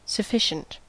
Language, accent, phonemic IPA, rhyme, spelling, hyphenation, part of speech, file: English, US, /səˈfɪʃənt/, -ɪʃənt, sufficient, suf‧fi‧cient, determiner / adjective, En-us-sufficient.ogg
- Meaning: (determiner) 1. An adequate quantity of; enough 2. A quantity (of something) that is as large as is needed; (adjective) Of a type or kind that suffices, that satisfies requirements or needs